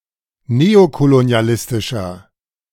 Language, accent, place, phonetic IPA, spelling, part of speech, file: German, Germany, Berlin, [ˈneːokoloni̯aˌlɪstɪʃɐ], neokolonialistischer, adjective, De-neokolonialistischer.ogg
- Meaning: inflection of neokolonialistisch: 1. strong/mixed nominative masculine singular 2. strong genitive/dative feminine singular 3. strong genitive plural